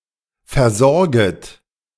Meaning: second-person plural subjunctive I of versorgen
- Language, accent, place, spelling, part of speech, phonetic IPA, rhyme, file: German, Germany, Berlin, versorget, verb, [fɛɐ̯ˈzɔʁɡət], -ɔʁɡət, De-versorget.ogg